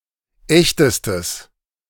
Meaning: strong/mixed nominative/accusative neuter singular superlative degree of echt
- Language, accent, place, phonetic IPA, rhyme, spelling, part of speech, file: German, Germany, Berlin, [ˈɛçtəstəs], -ɛçtəstəs, echtestes, adjective, De-echtestes.ogg